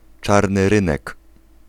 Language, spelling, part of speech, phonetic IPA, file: Polish, czarny rynek, noun, [ˈt͡ʃarnɨ ˈrɨ̃nɛk], Pl-czarny rynek.ogg